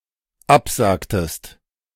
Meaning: inflection of absagen: 1. second-person singular dependent preterite 2. second-person singular dependent subjunctive II
- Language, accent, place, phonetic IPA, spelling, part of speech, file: German, Germany, Berlin, [ˈapˌzaːktəst], absagtest, verb, De-absagtest.ogg